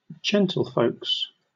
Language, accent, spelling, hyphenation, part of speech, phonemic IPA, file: English, Southern England, gentlefolks, gen‧tle‧folks, noun, /ˈd͡ʒɛntl̩fəʊks/, LL-Q1860 (eng)-gentlefolks.wav
- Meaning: Synonym of gentlefolk